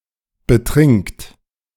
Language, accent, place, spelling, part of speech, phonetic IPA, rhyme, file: German, Germany, Berlin, betrinkt, verb, [bəˈtʁɪŋkt], -ɪŋkt, De-betrinkt.ogg
- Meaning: inflection of betrinken: 1. third-person singular present 2. second-person plural present 3. plural imperative